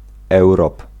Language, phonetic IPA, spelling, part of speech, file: Polish, [ˈɛwrɔp], europ, noun, Pl-europ.ogg